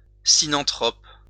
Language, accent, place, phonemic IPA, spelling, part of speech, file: French, France, Lyon, /si.nɑ̃.tʁɔp/, sinanthrope, noun, LL-Q150 (fra)-sinanthrope.wav
- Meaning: Peking man